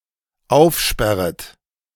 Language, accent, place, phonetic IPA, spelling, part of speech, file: German, Germany, Berlin, [ˈaʊ̯fˌʃpɛʁət], aufsperret, verb, De-aufsperret.ogg
- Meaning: second-person plural dependent subjunctive I of aufsperren